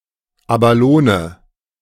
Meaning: abalone (edible univalve mollusc)
- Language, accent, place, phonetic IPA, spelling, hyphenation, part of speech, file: German, Germany, Berlin, [abaˈloːnə], Abalone, Aba‧lo‧ne, noun, De-Abalone.ogg